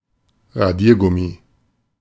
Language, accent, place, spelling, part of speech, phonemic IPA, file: German, Germany, Berlin, Radiergummi, noun, /ʁaˈdiːɐˌɡʊmi/, De-Radiergummi.ogg
- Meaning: eraser, rubber (something used to erase pencil (or sometimes pen, etc.) markings)